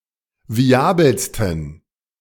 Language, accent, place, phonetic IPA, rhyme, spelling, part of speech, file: German, Germany, Berlin, [viˈaːbl̩stn̩], -aːbl̩stn̩, viabelsten, adjective, De-viabelsten.ogg
- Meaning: 1. superlative degree of viabel 2. inflection of viabel: strong genitive masculine/neuter singular superlative degree